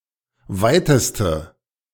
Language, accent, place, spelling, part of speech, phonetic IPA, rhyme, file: German, Germany, Berlin, weiteste, adjective, [ˈvaɪ̯təstə], -aɪ̯təstə, De-weiteste.ogg
- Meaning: inflection of weit: 1. strong/mixed nominative/accusative feminine singular superlative degree 2. strong nominative/accusative plural superlative degree